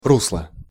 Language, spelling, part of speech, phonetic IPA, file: Russian, русло, noun, [ˈrusɫə], Ru-русло.ogg
- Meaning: 1. riverbed 2. direction, way, manner, path, vein, course (of development of a situation) 3. blood vessel